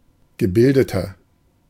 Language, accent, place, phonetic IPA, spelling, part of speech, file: German, Germany, Berlin, [ɡəˈbɪldətɐ], gebildeter, adjective, De-gebildeter.ogg
- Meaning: 1. comparative degree of gebildet 2. inflection of gebildet: strong/mixed nominative masculine singular 3. inflection of gebildet: strong genitive/dative feminine singular